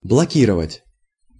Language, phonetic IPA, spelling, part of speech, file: Russian, [bɫɐˈkʲirəvətʲ], блокировать, verb, Ru-блокировать.ogg
- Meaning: 1. to block 2. to blockade